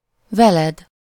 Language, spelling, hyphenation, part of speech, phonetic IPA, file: Hungarian, veled, ve‧led, pronoun, [ˈvɛlɛd], Hu-veled.ogg
- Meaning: second-person singular of vele